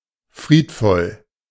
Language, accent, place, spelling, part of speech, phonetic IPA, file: German, Germany, Berlin, friedvoll, adjective, [ˈfʁiːtˌfɔl], De-friedvoll.ogg
- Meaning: placid, peaceful